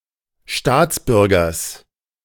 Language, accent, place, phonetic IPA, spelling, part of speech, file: German, Germany, Berlin, [ˈʃtaːt͡sˌbʏʁɡɐs], Staatsbürgers, noun, De-Staatsbürgers.ogg
- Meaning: genitive singular of Staatsbürger